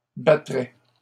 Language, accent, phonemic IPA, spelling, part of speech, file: French, Canada, /ba.tʁɛ/, battrais, verb, LL-Q150 (fra)-battrais.wav
- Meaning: first/second-person singular conditional of battre